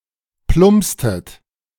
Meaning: inflection of plumpsen: 1. second-person plural preterite 2. second-person plural subjunctive II
- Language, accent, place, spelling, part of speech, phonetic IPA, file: German, Germany, Berlin, plumpstet, verb, [ˈplʊmpstət], De-plumpstet.ogg